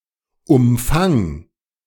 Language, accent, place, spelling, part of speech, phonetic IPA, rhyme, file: German, Germany, Berlin, umfang, verb, [ʊmˈfaŋ], -aŋ, De-umfang.ogg
- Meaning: singular imperative of umfangen